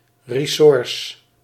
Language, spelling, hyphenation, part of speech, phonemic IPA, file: Dutch, ressource, res‧sour‧ce, noun, /reːˈsuːrsə/, Nl-ressource.ogg
- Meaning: 1. resource, means (of existence) 2. a way to turn the course of the game, notably in chess 3. possibilities, capabilities